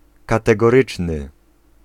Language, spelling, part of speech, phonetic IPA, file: Polish, kategoryczny, adjective, [ˌkatɛɡɔˈrɨt͡ʃnɨ], Pl-kategoryczny.ogg